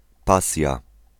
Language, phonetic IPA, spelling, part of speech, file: Polish, [ˈpasʲja], pasja, noun, Pl-pasja.ogg